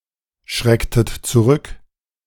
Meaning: inflection of zurückschrecken: 1. second-person plural preterite 2. second-person plural subjunctive II
- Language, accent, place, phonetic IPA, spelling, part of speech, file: German, Germany, Berlin, [ˌʃʁɛktət t͡suˈʁʏk], schrecktet zurück, verb, De-schrecktet zurück.ogg